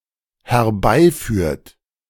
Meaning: inflection of herbeiführen: 1. third-person singular dependent present 2. second-person plural dependent present
- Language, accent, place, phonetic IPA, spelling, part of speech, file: German, Germany, Berlin, [hɛɐ̯ˈbaɪ̯ˌfyːɐ̯t], herbeiführt, verb, De-herbeiführt.ogg